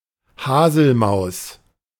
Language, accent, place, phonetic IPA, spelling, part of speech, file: German, Germany, Berlin, [ˈhaːzl̩ˌmaʊ̯s], Haselmaus, noun, De-Haselmaus.ogg
- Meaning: dormouse (Muscardinus avellanarius)